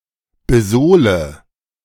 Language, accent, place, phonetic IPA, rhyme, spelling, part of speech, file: German, Germany, Berlin, [bəˈzoːlə], -oːlə, besohle, verb, De-besohle.ogg
- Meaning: inflection of besohlen: 1. first-person singular present 2. singular imperative 3. first/third-person singular subjunctive I